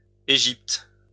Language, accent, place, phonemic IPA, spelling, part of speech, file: French, France, Lyon, /e.ʒipt/, Egypte, proper noun, LL-Q150 (fra)-Egypte.wav
- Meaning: alternative form of Égypte: Egypt (a country in North Africa and West Asia)